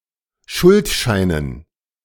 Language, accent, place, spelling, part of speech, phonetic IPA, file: German, Germany, Berlin, Schuldscheinen, noun, [ˈʃʊltˌʃaɪ̯nən], De-Schuldscheinen.ogg
- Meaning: dative plural of Schuldschein